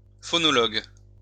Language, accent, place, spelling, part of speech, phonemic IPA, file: French, France, Lyon, phonologue, noun, /fɔ.nɔ.lɔɡ/, LL-Q150 (fra)-phonologue.wav
- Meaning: phonologist